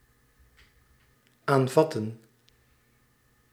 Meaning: 1. to hold, to grasp, to take hold of 2. to accept, to get, to receive (of objects) 3. to begin (doing), to commence
- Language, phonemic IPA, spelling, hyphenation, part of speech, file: Dutch, /ˈaːnˌvɑ.tə(n)/, aanvatten, aan‧vat‧ten, verb, Nl-aanvatten.ogg